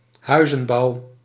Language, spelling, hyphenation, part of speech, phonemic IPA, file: Dutch, huizenbouw, hui‧zen‧bouw, noun, /ˈɦœy̯.zə(n)ˌbɑu̯/, Nl-huizenbouw.ogg
- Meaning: home building, residential construction